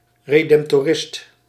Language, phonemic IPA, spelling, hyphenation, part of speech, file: Dutch, /ˌredɛm(p)toˈrɪst/, redemptorist, re‧demp‧to‧rist, noun, Nl-redemptorist.ogg
- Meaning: a Redemptorist